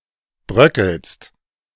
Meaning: second-person singular present of bröckeln
- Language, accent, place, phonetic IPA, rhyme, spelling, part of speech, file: German, Germany, Berlin, [ˈbʁœkl̩st], -œkl̩st, bröckelst, verb, De-bröckelst.ogg